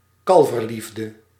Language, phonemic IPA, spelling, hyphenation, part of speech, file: Dutch, /ˈkɑl.vərˌlif.də/, kalverliefde, kal‧ver‧lief‧de, noun, Nl-kalverliefde.ogg
- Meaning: puppy love; a youthful, immature form of love often associated with young people